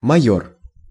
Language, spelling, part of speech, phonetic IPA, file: Russian, майор, noun, [mɐˈjɵr], Ru-майор.ogg
- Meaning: major